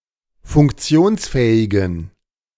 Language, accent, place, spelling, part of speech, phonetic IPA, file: German, Germany, Berlin, funktionsfähigen, adjective, [fʊŋkˈt͡si̯oːnsˌfɛːɪɡn̩], De-funktionsfähigen.ogg
- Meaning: inflection of funktionsfähig: 1. strong genitive masculine/neuter singular 2. weak/mixed genitive/dative all-gender singular 3. strong/weak/mixed accusative masculine singular 4. strong dative plural